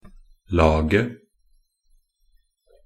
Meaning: definite singular of lag
- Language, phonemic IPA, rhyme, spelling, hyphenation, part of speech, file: Norwegian Bokmål, /ˈlɑːɡə/, -ɑːɡə, laget, la‧get, noun, Nb-laget.ogg